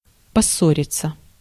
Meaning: 1. to quarrel, to fall out (with) 2. passive of поссо́рить (possóritʹ)
- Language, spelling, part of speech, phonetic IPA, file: Russian, поссориться, verb, [pɐˈsːorʲɪt͡sə], Ru-поссориться.ogg